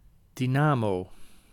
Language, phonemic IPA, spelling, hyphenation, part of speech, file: Dutch, /ˌdiˈnaː.moː/, dynamo, dy‧na‧mo, noun, Nl-dynamo.ogg
- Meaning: dynamo (small electricity generator)